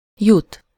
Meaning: 1. to get somewhere (to a location or a situation), to arrive 2. to arrive at, come to (a decision, an agreement, an understanding, a conclusion, or a result)
- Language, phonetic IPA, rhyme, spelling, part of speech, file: Hungarian, [ˈjut], -ut, jut, verb, Hu-jut.ogg